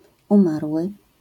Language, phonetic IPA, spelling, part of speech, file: Polish, [ũˈmarwɨ], umarły, noun / verb, LL-Q809 (pol)-umarły.wav